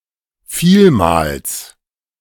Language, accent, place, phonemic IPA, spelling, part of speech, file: German, Germany, Berlin, /ˈfiːlmaːls/, vielmals, adverb, De-vielmals.ogg
- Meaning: 1. very much, a lot 2. many times, frequently, often